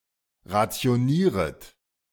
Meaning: second-person plural subjunctive I of rationieren
- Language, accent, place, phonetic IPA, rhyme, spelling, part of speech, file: German, Germany, Berlin, [ʁat͡si̯oˈniːʁət], -iːʁət, rationieret, verb, De-rationieret.ogg